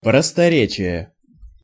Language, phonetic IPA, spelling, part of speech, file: Russian, [prəstɐˈrʲet͡ɕɪje], просторечие, noun, Ru-просторечие.ogg